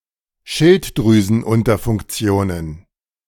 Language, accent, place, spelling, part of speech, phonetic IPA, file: German, Germany, Berlin, Schilddrüsenunterfunktionen, noun, [ˈʃɪltdʁyːzn̩ˌʔʊntɐfʊŋkt͡si̯oːnən], De-Schilddrüsenunterfunktionen.ogg
- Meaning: plural of Schilddrüsenunterfunktion